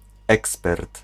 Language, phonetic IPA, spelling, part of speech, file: Polish, [ˈɛkspɛrt], ekspert, noun, Pl-ekspert.ogg